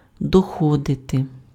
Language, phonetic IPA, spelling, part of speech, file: Ukrainian, [dɔˈxɔdete], доходити, verb, Uk-доходити.ogg
- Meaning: to arrive (at), to reach